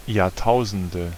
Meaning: nominative/accusative/genitive plural of Jahrtausend
- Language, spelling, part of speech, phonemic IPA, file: German, Jahrtausende, noun, /jaːɐ̯ˈtaʊ̯zn̩də/, De-Jahrtausende.ogg